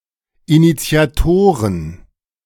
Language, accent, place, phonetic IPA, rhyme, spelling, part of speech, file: German, Germany, Berlin, [init͡si̯aˈtoːʁən], -oːʁən, Initiatoren, noun, De-Initiatoren.ogg
- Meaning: plural of Initiator